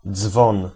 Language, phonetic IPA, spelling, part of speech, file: Polish, [d͡zvɔ̃n], dzwon, noun, Pl-dzwon.ogg